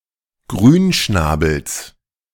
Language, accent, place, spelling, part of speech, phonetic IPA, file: German, Germany, Berlin, Grünschnabels, noun, [ˈɡʁyːnˌʃnaːbl̩s], De-Grünschnabels.ogg
- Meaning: genitive singular of Grünschnabel